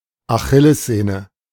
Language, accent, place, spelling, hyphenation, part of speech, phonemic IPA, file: German, Germany, Berlin, Achillessehne, Achil‧les‧seh‧ne, noun, /aˈxɪlɛsˌˈzeːnə/, De-Achillessehne.ogg
- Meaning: Achilles tendon